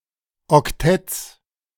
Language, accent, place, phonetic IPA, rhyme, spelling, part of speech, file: German, Germany, Berlin, [ɔkˈtɛtəs], -ɛtəs, Oktettes, noun, De-Oktettes.ogg
- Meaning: genitive singular of Oktett